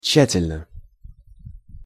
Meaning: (adverb) carefully, thoroughly; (adjective) short neuter singular of тща́тельный (tščátelʹnyj)
- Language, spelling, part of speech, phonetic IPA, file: Russian, тщательно, adverb / adjective, [ˈt͡ɕɕːætʲɪlʲnə], Ru-тщательно.ogg